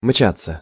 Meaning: 1. to scurry, to dash, to race, to tear along 2. passive of мчать (mčatʹ)
- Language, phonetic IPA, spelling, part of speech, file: Russian, [ˈmt͡ɕat͡sːə], мчаться, verb, Ru-мчаться.ogg